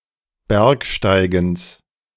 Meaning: genitive singular of Bergsteigen
- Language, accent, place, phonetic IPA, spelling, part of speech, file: German, Germany, Berlin, [ˈbɛʁkʃtaɪ̯ɡəns], Bergsteigens, noun, De-Bergsteigens.ogg